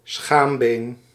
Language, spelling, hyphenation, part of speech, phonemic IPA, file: Dutch, schaambeen, schaam‧been, noun, /ˈsxamben/, Nl-schaambeen.ogg
- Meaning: pubis